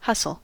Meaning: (verb) 1. To push someone roughly; to crowd; to jostle 2. To rush or hurry 3. To bundle; to stow something quickly 4. To con, swindle, or deceive, especially financially
- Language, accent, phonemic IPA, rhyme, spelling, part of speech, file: English, US, /ˈhʌsəl/, -ʌsəl, hustle, verb / noun, En-us-hustle.ogg